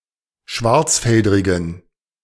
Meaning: inflection of schwarzfeldrig: 1. strong genitive masculine/neuter singular 2. weak/mixed genitive/dative all-gender singular 3. strong/weak/mixed accusative masculine singular 4. strong dative plural
- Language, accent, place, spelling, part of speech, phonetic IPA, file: German, Germany, Berlin, schwarzfeldrigen, adjective, [ˈʃvaʁt͡sˌfɛldʁɪɡn̩], De-schwarzfeldrigen.ogg